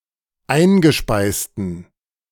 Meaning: inflection of eingespeist: 1. strong genitive masculine/neuter singular 2. weak/mixed genitive/dative all-gender singular 3. strong/weak/mixed accusative masculine singular 4. strong dative plural
- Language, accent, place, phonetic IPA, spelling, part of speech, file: German, Germany, Berlin, [ˈaɪ̯nɡəˌʃpaɪ̯stn̩], eingespeisten, adjective, De-eingespeisten.ogg